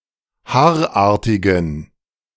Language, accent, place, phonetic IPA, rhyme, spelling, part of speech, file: German, Germany, Berlin, [ˈhaːɐ̯ˌʔaːɐ̯tɪɡn̩], -aːɐ̯ʔaːɐ̯tɪɡn̩, haarartigen, adjective, De-haarartigen.ogg
- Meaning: inflection of haarartig: 1. strong genitive masculine/neuter singular 2. weak/mixed genitive/dative all-gender singular 3. strong/weak/mixed accusative masculine singular 4. strong dative plural